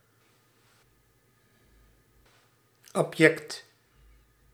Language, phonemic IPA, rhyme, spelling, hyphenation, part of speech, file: Dutch, /ɑbˈjɛkt/, -ɛkt, abject, ab‧ject, adjective, Nl-abject.ogg
- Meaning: reprehensible, despicable, abject